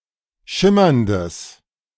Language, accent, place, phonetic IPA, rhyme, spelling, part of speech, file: German, Germany, Berlin, [ˈʃɪmɐndəs], -ɪmɐndəs, schimmerndes, adjective, De-schimmerndes.ogg
- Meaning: strong/mixed nominative/accusative neuter singular of schimmernd